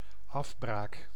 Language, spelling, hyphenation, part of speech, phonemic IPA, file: Dutch, afbraak, af‧braak, noun, /ˈɑf.braːk/, Nl-afbraak.ogg
- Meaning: 1. decomposition 2. demolition